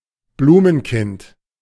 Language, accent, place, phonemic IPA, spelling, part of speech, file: German, Germany, Berlin, /ˈbluːmənˌkɪnt/, Blumenkind, noun, De-Blumenkind.ogg
- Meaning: flower child